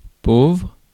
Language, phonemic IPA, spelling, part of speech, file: French, /povʁ/, pauvre, adjective / noun, Fr-pauvre.ogg
- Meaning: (adjective) 1. poor (financially deprived) 2. lacking, scanty 3. poor, pitiable 4. Used before epithets, describing the person being addressed, for emphasis; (noun) poor person; pauper